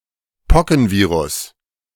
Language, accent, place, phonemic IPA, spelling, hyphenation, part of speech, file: German, Germany, Berlin, /ˈpɔkn̩ˌviːʁʊs/, Pockenvirus, Po‧cken‧vi‧rus, noun, De-Pockenvirus.ogg
- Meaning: poxvirus